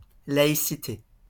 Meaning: 1. secularity (state of being secular) 2. secularism
- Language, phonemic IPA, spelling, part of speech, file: French, /la.i.si.te/, laïcité, noun, LL-Q150 (fra)-laïcité.wav